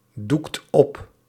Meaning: inflection of opdoeken: 1. second/third-person singular present indicative 2. plural imperative
- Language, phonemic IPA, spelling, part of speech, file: Dutch, /ˈdukt ˈɔp/, doekt op, verb, Nl-doekt op.ogg